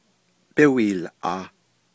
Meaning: first-person duoplural imperfective of yíhoołʼaah
- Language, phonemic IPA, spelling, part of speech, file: Navajo, /pɪ́hʷìːlʔɑ̀ːh/, bíhwiilʼaah, verb, Nv-bíhwiilʼaah.ogg